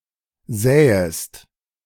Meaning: second-person singular subjunctive I of säen
- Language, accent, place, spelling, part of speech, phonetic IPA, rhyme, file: German, Germany, Berlin, säest, verb, [ˈzɛːəst], -ɛːəst, De-säest.ogg